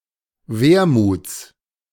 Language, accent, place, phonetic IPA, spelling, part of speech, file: German, Germany, Berlin, [ˈveːɐ̯muːt͡s], Wermuts, noun, De-Wermuts.ogg
- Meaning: genitive singular of Wermut